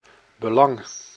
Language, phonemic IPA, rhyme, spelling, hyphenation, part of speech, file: Dutch, /bəˈlɑŋ/, -ɑŋ, belang, be‧lang, noun, Nl-belang.ogg
- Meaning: 1. interest, concern 2. importance, significance